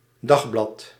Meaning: daily newspaper
- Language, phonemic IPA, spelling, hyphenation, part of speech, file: Dutch, /ˈdɑx.blɑt/, dagblad, dag‧blad, noun, Nl-dagblad.ogg